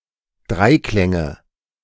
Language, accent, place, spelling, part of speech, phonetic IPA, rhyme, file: German, Germany, Berlin, Dreiklänge, noun, [ˈdʁaɪ̯ˌklɛŋə], -aɪ̯klɛŋə, De-Dreiklänge.ogg
- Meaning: nominative/accusative/genitive plural of Dreiklang